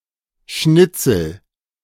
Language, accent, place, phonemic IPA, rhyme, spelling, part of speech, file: German, Germany, Berlin, /ˈʃnɪtsəl/, -ɪt͡səl, Schnitzel, noun, De-Schnitzel.ogg
- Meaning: 1. scrap (small piece of paper, etc.) 2. cutlet, scallop, escalope (slice of filet meat)